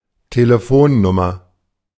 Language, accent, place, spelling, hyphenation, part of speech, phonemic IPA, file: German, Germany, Berlin, Telefonnummer, Te‧le‧fon‧num‧mer, noun, /teleˈfoːnnʊmɐ/, De-Telefonnummer.ogg
- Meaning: telephone number